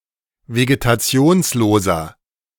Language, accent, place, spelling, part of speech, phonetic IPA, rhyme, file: German, Germany, Berlin, vegetationsloser, adjective, [veɡetaˈt͡si̯oːnsloːzɐ], -oːnsloːzɐ, De-vegetationsloser.ogg
- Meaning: inflection of vegetationslos: 1. strong/mixed nominative masculine singular 2. strong genitive/dative feminine singular 3. strong genitive plural